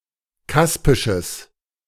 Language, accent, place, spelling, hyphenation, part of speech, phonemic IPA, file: German, Germany, Berlin, kaspisches, kas‧pi‧sches, adjective, /ˈkaspɪʃəs/, De-kaspisches.ogg
- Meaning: strong/mixed nominative/accusative neuter singular of kaspisch